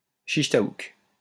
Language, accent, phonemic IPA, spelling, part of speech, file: French, France, /ʃiʃ ta.uk/, chich taouk, noun, LL-Q150 (fra)-chich taouk.wav
- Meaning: shish taouk, grilled skewered chicken cubes